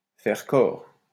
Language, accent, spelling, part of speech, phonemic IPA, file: French, France, faire corps, verb, /fɛʁ kɔʁ/, LL-Q150 (fra)-faire corps.wav
- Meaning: 1. to be at one, to be in harmony or unity 2. to be at one, to be in harmony or unity: to form a single body, to become one, to fuse